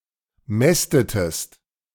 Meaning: inflection of mästen: 1. second-person singular preterite 2. second-person singular subjunctive II
- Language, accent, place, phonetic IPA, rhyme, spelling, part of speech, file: German, Germany, Berlin, [ˈmɛstətəst], -ɛstətəst, mästetest, verb, De-mästetest.ogg